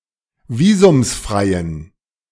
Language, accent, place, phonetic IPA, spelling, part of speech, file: German, Germany, Berlin, [ˈviːzʊmsˌfʁaɪ̯ən], visumsfreien, adjective, De-visumsfreien.ogg
- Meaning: inflection of visumsfrei: 1. strong genitive masculine/neuter singular 2. weak/mixed genitive/dative all-gender singular 3. strong/weak/mixed accusative masculine singular 4. strong dative plural